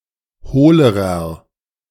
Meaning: inflection of hohl: 1. strong/mixed nominative masculine singular comparative degree 2. strong genitive/dative feminine singular comparative degree 3. strong genitive plural comparative degree
- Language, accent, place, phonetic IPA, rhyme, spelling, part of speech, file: German, Germany, Berlin, [ˈhoːləʁɐ], -oːləʁɐ, hohlerer, adjective, De-hohlerer.ogg